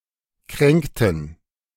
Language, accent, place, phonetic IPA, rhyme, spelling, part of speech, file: German, Germany, Berlin, [ˈkʁɛŋktn̩], -ɛŋktn̩, kränkten, verb, De-kränkten.ogg
- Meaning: inflection of kränken: 1. first/third-person plural preterite 2. first/third-person plural subjunctive II